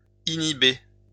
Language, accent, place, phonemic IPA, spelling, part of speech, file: French, France, Lyon, /i.ni.be/, inhiber, verb, LL-Q150 (fra)-inhiber.wav
- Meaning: to inhibit (to hinder; to restrain)